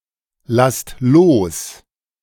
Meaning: inflection of loslassen: 1. second-person plural present 2. plural imperative
- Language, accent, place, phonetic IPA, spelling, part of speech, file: German, Germany, Berlin, [ˌlast ˈloːs], lasst los, verb, De-lasst los.ogg